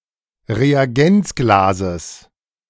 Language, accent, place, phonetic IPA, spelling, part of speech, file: German, Germany, Berlin, [ʁeaˈɡɛnt͡sɡlaːzəs], Reagenzglases, noun, De-Reagenzglases.ogg
- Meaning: genitive singular of Reagenzglas